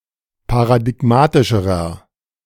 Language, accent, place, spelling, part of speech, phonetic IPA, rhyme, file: German, Germany, Berlin, paradigmatischerer, adjective, [paʁadɪˈɡmaːtɪʃəʁɐ], -aːtɪʃəʁɐ, De-paradigmatischerer.ogg
- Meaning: inflection of paradigmatisch: 1. strong/mixed nominative masculine singular comparative degree 2. strong genitive/dative feminine singular comparative degree